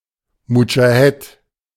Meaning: mujahid (male or of unspecified gender) (Muslim holy warrior)
- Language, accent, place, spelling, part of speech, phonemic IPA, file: German, Germany, Berlin, Mudschahed, noun, /mʊd͡ʒaˈhɛt/, De-Mudschahed.ogg